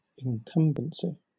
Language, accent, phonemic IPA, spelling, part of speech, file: English, Southern England, /ɪŋˈkʌmbənsi/, incumbency, noun, LL-Q1860 (eng)-incumbency.wav
- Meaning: 1. The state of being incumbent 2. An obligation or duty 3. A tenure 4. Benefice, lucrative position or possession